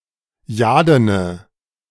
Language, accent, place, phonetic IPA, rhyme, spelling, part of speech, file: German, Germany, Berlin, [ˈjaːdənə], -aːdənə, jadene, adjective, De-jadene.ogg
- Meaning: inflection of jaden: 1. strong/mixed nominative/accusative feminine singular 2. strong nominative/accusative plural 3. weak nominative all-gender singular 4. weak accusative feminine/neuter singular